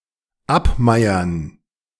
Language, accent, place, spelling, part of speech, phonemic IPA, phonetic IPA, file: German, Germany, Berlin, abmeiern, verb, /ˈapˌmaɪ̯əʁn/, [ˈʔapˌmaɪ̯ɐn], De-abmeiern.ogg
- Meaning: to take away the right of ownership of a farm